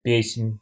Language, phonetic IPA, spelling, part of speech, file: Russian, [ˈpʲesʲ(ɪ)nʲ], песнь, noun, Ru-песнь.ogg
- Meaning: 1. alternative form of пе́сня (pésnja): song 2. canto